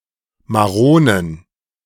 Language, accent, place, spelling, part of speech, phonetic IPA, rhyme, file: German, Germany, Berlin, Maronen, noun, [maˈʁoːnən], -oːnən, De-Maronen.ogg
- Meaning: plural of Marone